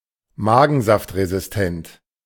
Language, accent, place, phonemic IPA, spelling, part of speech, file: German, Germany, Berlin, /ˈmaːɡn̩zaftʁezɪsˌtɛnt/, magensaftresistent, adjective, De-magensaftresistent.ogg
- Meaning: enteric (resistant to gastric juices)